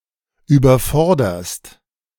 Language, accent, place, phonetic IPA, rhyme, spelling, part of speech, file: German, Germany, Berlin, [yːbɐˈfɔʁdɐst], -ɔʁdɐst, überforderst, verb, De-überforderst.ogg
- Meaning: second-person singular present of überfordern